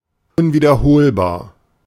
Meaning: unrepeatable
- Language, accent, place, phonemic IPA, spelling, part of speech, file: German, Germany, Berlin, /ʊnviːdɐˈhoːlbaːɐ̯/, unwiederholbar, adjective, De-unwiederholbar.ogg